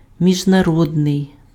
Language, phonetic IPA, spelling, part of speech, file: Ukrainian, [mʲiʒnɐˈrɔdnei̯], міжнародний, adjective, Uk-міжнародний.ogg
- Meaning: international